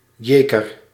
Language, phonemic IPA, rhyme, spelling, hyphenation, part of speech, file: Dutch, /ˈjeː.kər/, -eːkər, Jeker, Je‧ker, proper noun, Nl-Jeker.ogg
- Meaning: Geer/Jeker, a river in Belgium